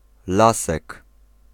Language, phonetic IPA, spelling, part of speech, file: Polish, [ˈlasɛk], lasek, noun, Pl-lasek.ogg